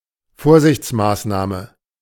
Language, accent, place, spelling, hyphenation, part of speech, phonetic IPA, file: German, Germany, Berlin, Vorsichtsmaßnahme, Vor‧sichts‧maß‧nah‧me, noun, [ˈfoːɐ̯zɪçt͡sˌmaːsnaːmə], De-Vorsichtsmaßnahme.ogg
- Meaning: precaution